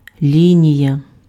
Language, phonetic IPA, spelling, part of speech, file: Ukrainian, [ˈlʲinʲijɐ], лінія, noun, Uk-лінія.ogg
- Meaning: line (path through two or more points)